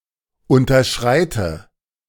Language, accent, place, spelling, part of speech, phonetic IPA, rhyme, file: German, Germany, Berlin, unterschreite, verb, [ˌʊntɐˈʃʁaɪ̯tə], -aɪ̯tə, De-unterschreite.ogg
- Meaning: inflection of unterschreiten: 1. first-person singular present 2. first/third-person singular subjunctive I 3. singular imperative